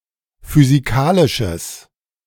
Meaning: strong/mixed nominative/accusative neuter singular of physikalisch
- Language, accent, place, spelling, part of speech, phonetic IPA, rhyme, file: German, Germany, Berlin, physikalisches, adjective, [fyziˈkaːlɪʃəs], -aːlɪʃəs, De-physikalisches.ogg